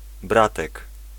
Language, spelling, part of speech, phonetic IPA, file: Polish, bratek, noun, [ˈbratɛk], Pl-bratek.ogg